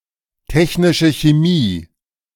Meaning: technical chemistry
- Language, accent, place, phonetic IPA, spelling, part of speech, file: German, Germany, Berlin, [ˌtɛçnɪʃə çeˈmiː], technische Chemie, phrase, De-technische Chemie.ogg